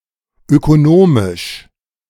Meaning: 1. economic (relating to the economy) 2. economic (relating to economics) 3. economical (careful with money)
- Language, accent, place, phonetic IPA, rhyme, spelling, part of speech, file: German, Germany, Berlin, [økoˈnoːmɪʃ], -oːmɪʃ, ökonomisch, adjective, De-ökonomisch.ogg